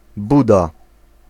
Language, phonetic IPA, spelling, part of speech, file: Polish, [ˈbuda], buda, noun, Pl-buda.ogg